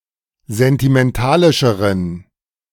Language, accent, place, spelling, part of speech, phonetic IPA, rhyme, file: German, Germany, Berlin, sentimentalischeren, adjective, [zɛntimɛnˈtaːlɪʃəʁən], -aːlɪʃəʁən, De-sentimentalischeren.ogg
- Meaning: inflection of sentimentalisch: 1. strong genitive masculine/neuter singular comparative degree 2. weak/mixed genitive/dative all-gender singular comparative degree